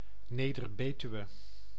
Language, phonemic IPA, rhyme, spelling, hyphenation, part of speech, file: Dutch, /ˈneː.dər ˈbeː.ty.ʋə/, -yʋə, Neder-Betuwe, Ne‧der-‧Be‧tu‧we, proper noun, Nl-Neder-Betuwe.ogg
- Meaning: Neder-Betuwe (a municipality of Gelderland, Netherlands)